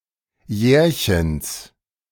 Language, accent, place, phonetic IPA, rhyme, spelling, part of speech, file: German, Germany, Berlin, [ˈjɛːɐ̯çəns], -ɛːɐ̯çəns, Jährchens, noun, De-Jährchens.ogg
- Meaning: genitive of Jährchen